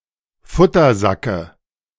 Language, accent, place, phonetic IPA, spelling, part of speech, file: German, Germany, Berlin, [ˈfʊtɐˌzakə], Futtersacke, noun, De-Futtersacke.ogg
- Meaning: dative of Futtersack